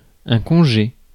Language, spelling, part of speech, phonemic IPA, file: French, congé, noun, /kɔ̃.ʒe/, Fr-congé.ogg
- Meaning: 1. leave (time off, absence from work, etc.) 2. holiday, day off 3. furlough